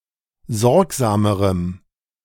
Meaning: strong dative masculine/neuter singular comparative degree of sorgsam
- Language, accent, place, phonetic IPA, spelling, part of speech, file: German, Germany, Berlin, [ˈzɔʁkzaːməʁəm], sorgsamerem, adjective, De-sorgsamerem.ogg